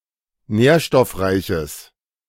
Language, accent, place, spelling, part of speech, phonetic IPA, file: German, Germany, Berlin, nährstoffreiches, adjective, [ˈnɛːɐ̯ʃtɔfˌʁaɪ̯çəs], De-nährstoffreiches.ogg
- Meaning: strong/mixed nominative/accusative neuter singular of nährstoffreich